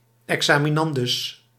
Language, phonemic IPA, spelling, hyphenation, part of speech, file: Dutch, /ˌɛk.saː.miˈnɑn.dʏs/, examinandus, exa‧mi‧nan‧dus, noun, Nl-examinandus.ogg
- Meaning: one who takes an exam